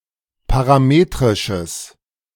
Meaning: strong/mixed nominative/accusative neuter singular of parametrisch
- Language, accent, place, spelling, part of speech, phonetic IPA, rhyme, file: German, Germany, Berlin, parametrisches, adjective, [paʁaˈmeːtʁɪʃəs], -eːtʁɪʃəs, De-parametrisches.ogg